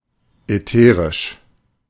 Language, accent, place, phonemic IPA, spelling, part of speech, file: German, Germany, Berlin, /ɛˈteːrɪʃ/, ätherisch, adjective, De-ätherisch.ogg
- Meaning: ethereal